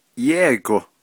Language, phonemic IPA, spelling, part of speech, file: Navajo, /jɛ́ɪ̀kò/, yéigo, adverb / interjection, Nv-yéigo.ogg
- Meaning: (adverb) 1. diligently, intensely 2. hard 3. seriously; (interjection) with great effort, do it; try harder